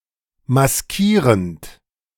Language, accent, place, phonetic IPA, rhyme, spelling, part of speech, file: German, Germany, Berlin, [masˈkiːʁənt], -iːʁənt, maskierend, verb, De-maskierend.ogg
- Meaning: present participle of maskieren